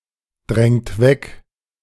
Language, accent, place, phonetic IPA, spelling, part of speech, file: German, Germany, Berlin, [ˌdʁɛŋt ˈvɛk], drängt weg, verb, De-drängt weg.ogg
- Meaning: inflection of wegdrängen: 1. second-person plural present 2. third-person singular present 3. plural imperative